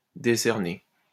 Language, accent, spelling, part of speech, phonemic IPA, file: French, France, décerner, verb, /de.sɛʁ.ne/, LL-Q150 (fra)-décerner.wav
- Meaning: to award